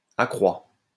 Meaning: third-person singular present indicative of accroitre
- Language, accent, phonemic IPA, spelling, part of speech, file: French, France, /a.kʁwa/, accroît, verb, LL-Q150 (fra)-accroît.wav